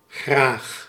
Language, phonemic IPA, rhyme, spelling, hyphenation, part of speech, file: Dutch, /ɣraːx/, -aːx, graag, graag, adverb / interjection, Nl-graag.ogg
- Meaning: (adverb) willingly, gladly (meaning that the subject enjoys doing the action of the verb); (interjection) please (when being offered something)